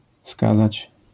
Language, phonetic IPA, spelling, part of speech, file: Polish, [ˈskazat͡ɕ], skazać, verb, LL-Q809 (pol)-skazać.wav